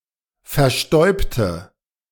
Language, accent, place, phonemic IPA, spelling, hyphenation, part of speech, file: German, Germany, Berlin, /fɛɐ̯ˈʃtɔɪ̯btə/, verstäubte, ver‧stäub‧te, verb, De-verstäubte.ogg
- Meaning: inflection of verstäuben: 1. first/third-person singular preterite 2. first/third-person singular subjunctive II